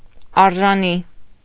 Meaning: worthy, worth, deserving
- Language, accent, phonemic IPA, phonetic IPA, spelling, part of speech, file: Armenian, Eastern Armenian, /ɑɾʒɑˈni/, [ɑɾʒɑní], արժանի, adjective, Hy-արժանի.ogg